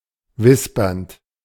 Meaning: present participle of wispern
- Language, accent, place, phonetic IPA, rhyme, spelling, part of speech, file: German, Germany, Berlin, [ˈvɪspɐnt], -ɪspɐnt, wispernd, verb, De-wispernd.ogg